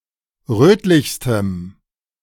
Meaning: strong dative masculine/neuter singular superlative degree of rötlich
- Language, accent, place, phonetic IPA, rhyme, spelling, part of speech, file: German, Germany, Berlin, [ˈʁøːtlɪçstəm], -øːtlɪçstəm, rötlichstem, adjective, De-rötlichstem.ogg